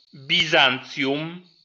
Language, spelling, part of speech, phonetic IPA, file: Polish, Bizancjum, proper noun, [bʲiˈzãnt͡sʲjũm], LL-Q809 (pol)-Bizancjum.wav